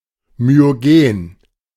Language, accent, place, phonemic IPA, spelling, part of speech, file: German, Germany, Berlin, /myoˈɡeːn/, myogen, adjective, De-myogen.ogg
- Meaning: myogenic